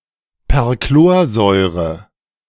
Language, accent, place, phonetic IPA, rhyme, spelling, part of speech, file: German, Germany, Berlin, [pɛʁˈkloːɐ̯zɔɪ̯ʁə], -oːɐ̯zɔɪ̯ʁə, Perchlorsäure, noun, De-Perchlorsäure.ogg
- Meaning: perchloric acid